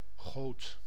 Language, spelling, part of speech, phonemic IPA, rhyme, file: Dutch, goot, noun / verb, /ɣoːt/, -oːt, Nl-goot.ogg
- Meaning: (noun) gutter; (verb) singular past indicative of gieten